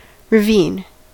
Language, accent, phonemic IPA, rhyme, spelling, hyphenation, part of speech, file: English, General American, /ɹəˈvin/, -iːn, ravine, rav‧ine, noun, En-us-ravine.ogg
- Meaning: A deep narrow valley or gorge in the earth's surface worn by running water